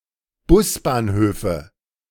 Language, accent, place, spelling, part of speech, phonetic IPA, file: German, Germany, Berlin, Busbahnhöfe, noun, [ˈbʊsbaːnˌhøːfə], De-Busbahnhöfe.ogg
- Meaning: nominative/accusative/genitive plural of Busbahnhof